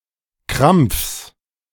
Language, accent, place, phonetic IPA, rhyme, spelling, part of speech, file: German, Germany, Berlin, [kʁamp͡fs], -amp͡fs, Krampfs, noun, De-Krampfs.ogg
- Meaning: genitive singular of Krampf